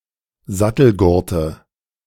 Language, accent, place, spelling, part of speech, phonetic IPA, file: German, Germany, Berlin, Sattelgurte, noun, [ˈzatl̩ˌɡʊʁtə], De-Sattelgurte.ogg
- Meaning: nominative/accusative/genitive plural of Sattelgurt